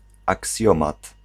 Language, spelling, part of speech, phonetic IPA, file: Polish, aksjomat, noun, [akˈsʲjɔ̃mat], Pl-aksjomat.ogg